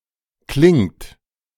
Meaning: inflection of klingen: 1. third-person singular present 2. second-person plural present 3. plural imperative
- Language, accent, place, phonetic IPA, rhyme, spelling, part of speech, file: German, Germany, Berlin, [klɪŋt], -ɪŋt, klingt, verb, De-klingt.ogg